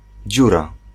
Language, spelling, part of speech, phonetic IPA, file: Polish, dziura, noun, [ˈd͡ʑura], Pl-dziura.ogg